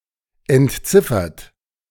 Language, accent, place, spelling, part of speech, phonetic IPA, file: German, Germany, Berlin, entziffert, verb, [ɛntˈt͡sɪfɐt], De-entziffert.ogg
- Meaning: 1. past participle of entziffern 2. inflection of entziffern: third-person singular present 3. inflection of entziffern: second-person plural present 4. inflection of entziffern: plural imperative